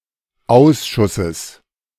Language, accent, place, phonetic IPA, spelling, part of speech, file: German, Germany, Berlin, [ˈaʊ̯sʃʊsəs], Ausschusses, noun, De-Ausschusses.ogg
- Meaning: genitive singular of Ausschuss